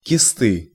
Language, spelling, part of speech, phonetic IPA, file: Russian, кисты, noun, [kʲɪˈstɨ], Ru-кисты.ogg
- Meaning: inflection of киста́ (kistá): 1. genitive singular 2. nominative/accusative plural